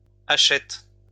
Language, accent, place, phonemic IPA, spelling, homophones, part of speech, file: French, France, Lyon, /a.ʃɛt/, hachette, hachettes / achète / achètes / achètent, noun, LL-Q150 (fra)-hachette.wav
- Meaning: hatchet